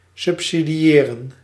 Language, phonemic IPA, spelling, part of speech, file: Dutch, /ˌsʏp.si.diˈeː.rə(n)/, subsidiëren, verb, Nl-subsidiëren.ogg
- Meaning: to subsidise, to provide subsidies to